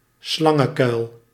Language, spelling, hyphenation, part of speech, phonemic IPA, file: Dutch, slangenkuil, slan‧gen‧kuil, noun, /ˈslɑ.ŋə(n)ˌkœy̯l/, Nl-slangenkuil.ogg
- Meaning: 1. snake pit (pit full of snakes, pit inhabited by snakes) 2. snake pit (treacherous, hostile place)